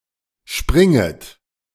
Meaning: second-person plural subjunctive I of springen
- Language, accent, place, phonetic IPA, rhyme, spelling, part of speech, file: German, Germany, Berlin, [ˈʃpʁɪŋət], -ɪŋət, springet, verb, De-springet.ogg